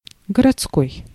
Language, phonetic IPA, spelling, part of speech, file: Russian, [ɡərɐt͡sˈkoj], городской, adjective, Ru-городской.ogg
- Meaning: town, city; urban, municipal